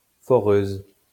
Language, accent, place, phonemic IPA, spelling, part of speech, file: French, France, Lyon, /fɔ.ʁøz/, foreuse, noun, LL-Q150 (fra)-foreuse.wav
- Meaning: drill (tool)